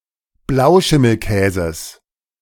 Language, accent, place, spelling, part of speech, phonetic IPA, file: German, Germany, Berlin, Blauschimmelkäses, noun, [ˈblaʊ̯ʃɪml̩ˌkɛːzəs], De-Blauschimmelkäses.ogg
- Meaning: genitive singular of Blauschimmelkäse